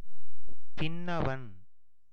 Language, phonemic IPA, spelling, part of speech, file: Tamil, /pɪnːɐʋɐn/, பின்னவன், noun, Ta-பின்னவன்.ogg
- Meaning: 1. younger brother 2. youngest son